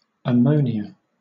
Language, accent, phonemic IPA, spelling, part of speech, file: English, Southern England, /əˈməʊ.nɪ.ə/, ammonia, noun, LL-Q1860 (eng)-ammonia.wav
- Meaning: 1. A gaseous, toxic compound of hydrogen and nitrogen, NH₃, with a pungent smell and taste 2. A solution of this compound in water used domestically as a cleaning fluid